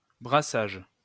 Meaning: 1. brewing of beer 2. intermingling of different peoples, cultures and ideas
- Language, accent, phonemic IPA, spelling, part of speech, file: French, France, /bʁa.saʒ/, brassage, noun, LL-Q150 (fra)-brassage.wav